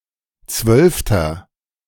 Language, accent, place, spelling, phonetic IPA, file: German, Germany, Berlin, zwölfter, [ˈt͡svœlftɐ], De-zwölfter.ogg
- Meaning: inflection of zwölfte: 1. strong/mixed nominative masculine singular 2. strong genitive/dative feminine singular 3. strong genitive plural